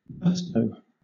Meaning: 1. Enthusiasm; enjoyment, vigor 2. An individual's fondness or liking of a particular flavor
- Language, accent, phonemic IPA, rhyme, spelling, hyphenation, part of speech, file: English, Southern England, /ˈɡʌstəʊ/, -ʌstəʊ, gusto, gus‧to, noun, LL-Q1860 (eng)-gusto.wav